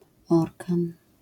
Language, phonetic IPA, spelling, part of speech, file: Polish, [ˈɔrkãn], orkan, noun, LL-Q809 (pol)-orkan.wav